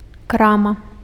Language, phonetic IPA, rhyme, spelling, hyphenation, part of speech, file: Belarusian, [ˈkrama], -ama, крама, кра‧ма, noun, Be-крама.ogg
- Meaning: shop, store